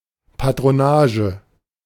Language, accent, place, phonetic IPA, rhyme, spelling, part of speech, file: German, Germany, Berlin, [patʁoˈnaːʒə], -aːʒə, Patronage, noun, De-Patronage.ogg
- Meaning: patronage